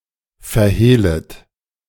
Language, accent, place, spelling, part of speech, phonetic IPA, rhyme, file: German, Germany, Berlin, verhehlet, verb, [fɛɐ̯ˈheːlət], -eːlət, De-verhehlet.ogg
- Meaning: second-person plural subjunctive I of verhehlen